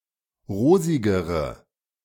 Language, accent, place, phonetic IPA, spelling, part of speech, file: German, Germany, Berlin, [ˈʁoːzɪɡəʁə], rosigere, adjective, De-rosigere.ogg
- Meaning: inflection of rosig: 1. strong/mixed nominative/accusative feminine singular comparative degree 2. strong nominative/accusative plural comparative degree